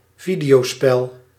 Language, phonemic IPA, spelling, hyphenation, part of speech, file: Dutch, /ˈvi.di.oːˌspɛl/, videospel, vi‧deo‧spel, noun, Nl-videospel.ogg
- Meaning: video game